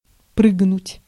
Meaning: to jump, to spring, to leap
- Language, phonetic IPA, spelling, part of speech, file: Russian, [ˈprɨɡnʊtʲ], прыгнуть, verb, Ru-прыгнуть.ogg